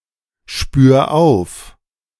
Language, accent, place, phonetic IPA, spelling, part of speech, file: German, Germany, Berlin, [ˌʃpyːɐ̯ ˈaʊ̯f], spür auf, verb, De-spür auf.ogg
- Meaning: 1. singular imperative of aufspüren 2. first-person singular present of aufspüren